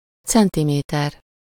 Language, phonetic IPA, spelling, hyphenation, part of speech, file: Hungarian, [ˈt͡sɛntimeːtɛr], centiméter, cen‧ti‧mé‧ter, noun, Hu-centiméter.ogg
- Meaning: 1. centimetre (UK), centimeter (US) 2. tape measure (graduated ribbon of cloth, plastic or metal used for measuring lengths)